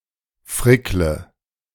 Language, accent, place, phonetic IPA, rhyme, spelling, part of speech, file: German, Germany, Berlin, [ˈfʁɪklə], -ɪklə, frickle, verb, De-frickle.ogg
- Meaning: inflection of frickeln: 1. first-person singular present 2. first/third-person singular subjunctive I 3. singular imperative